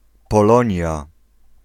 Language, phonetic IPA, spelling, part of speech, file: Polish, [pɔˈlɔ̃ɲja], Polonia, proper noun, Pl-Polonia.ogg